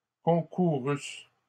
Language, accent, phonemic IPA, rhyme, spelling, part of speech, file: French, Canada, /kɔ̃.ku.ʁys/, -ys, concourusse, verb, LL-Q150 (fra)-concourusse.wav
- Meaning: first-person singular imperfect subjunctive of concourir